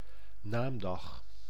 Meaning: name day
- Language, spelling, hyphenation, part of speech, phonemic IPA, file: Dutch, naamdag, naam‧dag, noun, /ˈnaːm.dɑx/, Nl-naamdag.ogg